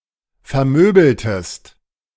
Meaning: inflection of vermöbeln: 1. second-person singular preterite 2. second-person singular subjunctive II
- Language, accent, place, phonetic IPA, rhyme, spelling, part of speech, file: German, Germany, Berlin, [fɛɐ̯ˈmøːbl̩təst], -øːbl̩təst, vermöbeltest, verb, De-vermöbeltest.ogg